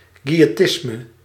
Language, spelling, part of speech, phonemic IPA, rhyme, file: Dutch, quiëtisme, noun, /ˌkʋi.eːˈtɪs.mə/, -ɪsmə, Nl-quiëtisme.ogg
- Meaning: quietism